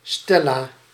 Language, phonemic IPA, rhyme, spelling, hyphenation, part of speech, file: Dutch, /ˈstɛ.laː/, -ɛlaː, Stella, Stel‧la, proper noun, Nl-Stella.ogg
- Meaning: a female given name from Latin